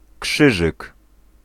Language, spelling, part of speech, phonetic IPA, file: Polish, krzyżyk, noun, [ˈkʃɨʒɨk], Pl-krzyżyk.ogg